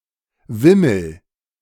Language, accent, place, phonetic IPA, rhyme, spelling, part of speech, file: German, Germany, Berlin, [ˈvɪml̩], -ɪml̩, wimmel, verb, De-wimmel.ogg
- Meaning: inflection of wimmeln: 1. first-person singular present 2. singular imperative